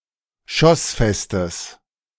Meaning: strong/mixed nominative/accusative neuter singular of schossfest
- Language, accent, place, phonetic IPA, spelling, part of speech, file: German, Germany, Berlin, [ˈʃɔsˌfɛstəs], schossfestes, adjective, De-schossfestes.ogg